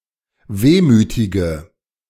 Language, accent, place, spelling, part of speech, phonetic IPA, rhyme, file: German, Germany, Berlin, wehmütige, adjective, [ˈveːmyːtɪɡə], -eːmyːtɪɡə, De-wehmütige.ogg
- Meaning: inflection of wehmütig: 1. strong/mixed nominative/accusative feminine singular 2. strong nominative/accusative plural 3. weak nominative all-gender singular